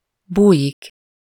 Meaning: to hide
- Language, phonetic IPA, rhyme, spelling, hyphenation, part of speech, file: Hungarian, [ˈbuːjik], -uːjik, bújik, bú‧jik, verb, Hu-bújik.ogg